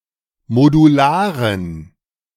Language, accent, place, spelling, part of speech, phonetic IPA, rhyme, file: German, Germany, Berlin, modularen, adjective, [moduˈlaːʁən], -aːʁən, De-modularen.ogg
- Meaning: inflection of modular: 1. strong genitive masculine/neuter singular 2. weak/mixed genitive/dative all-gender singular 3. strong/weak/mixed accusative masculine singular 4. strong dative plural